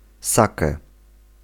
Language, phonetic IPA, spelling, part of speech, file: Polish, [ˈsakɛ], sake, noun, Pl-sake.ogg